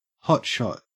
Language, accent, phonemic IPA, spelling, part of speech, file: English, Australia, /ˈhɒtˌʃɒt/, hotshot, adjective / noun / verb, En-au-hotshot.ogg
- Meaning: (adjective) 1. Highly skilled 2. Displaying talent; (noun) Someone with exceptional skills in a certain field